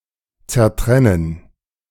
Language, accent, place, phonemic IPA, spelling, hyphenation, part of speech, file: German, Germany, Berlin, /t͡sɛɐ̯ˈtʁɛnən/, zertrennen, zer‧tren‧nen, verb, De-zertrennen.ogg
- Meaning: to sever, disjoint